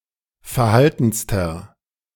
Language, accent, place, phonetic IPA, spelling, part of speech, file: German, Germany, Berlin, [fɛɐ̯ˈhaltn̩stɐ], verhaltenster, adjective, De-verhaltenster.ogg
- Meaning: inflection of verhalten: 1. strong/mixed nominative masculine singular superlative degree 2. strong genitive/dative feminine singular superlative degree 3. strong genitive plural superlative degree